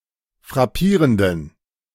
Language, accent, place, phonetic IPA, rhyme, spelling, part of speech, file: German, Germany, Berlin, [fʁaˈpiːʁəndn̩], -iːʁəndn̩, frappierenden, adjective, De-frappierenden.ogg
- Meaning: inflection of frappierend: 1. strong genitive masculine/neuter singular 2. weak/mixed genitive/dative all-gender singular 3. strong/weak/mixed accusative masculine singular 4. strong dative plural